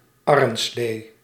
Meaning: horse-sleigh
- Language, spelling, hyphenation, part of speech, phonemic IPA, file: Dutch, arrenslee, ar‧ren‧slee, noun, /ˈɑrə(n)ˌsleː/, Nl-arrenslee.ogg